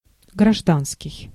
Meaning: 1. civil, civic 2. civilian (unrelated to armies or ground forces)
- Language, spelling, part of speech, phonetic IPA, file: Russian, гражданский, adjective, [ɡrɐʐˈdanskʲɪj], Ru-гражданский.ogg